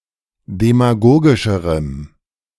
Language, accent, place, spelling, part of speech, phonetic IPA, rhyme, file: German, Germany, Berlin, demagogischerem, adjective, [demaˈɡoːɡɪʃəʁəm], -oːɡɪʃəʁəm, De-demagogischerem.ogg
- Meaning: strong dative masculine/neuter singular comparative degree of demagogisch